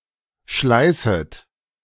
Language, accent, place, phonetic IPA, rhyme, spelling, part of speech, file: German, Germany, Berlin, [ˈʃlaɪ̯sət], -aɪ̯sət, schleißet, verb, De-schleißet.ogg
- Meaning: second-person plural subjunctive I of schleißen